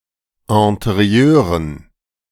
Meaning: dative plural of Interieur
- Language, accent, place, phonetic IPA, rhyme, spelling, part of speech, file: German, Germany, Berlin, [ɛ̃teˈʁi̯øːʁən], -øːʁən, Interieuren, noun, De-Interieuren.ogg